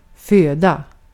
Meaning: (noun) food; sustenance; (verb) 1. to feed (provide with nutrition) 2. to give birth (to) 3. to give birth (to): to be born
- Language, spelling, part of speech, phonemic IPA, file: Swedish, föda, noun / verb, /ˈføːˌda/, Sv-föda.ogg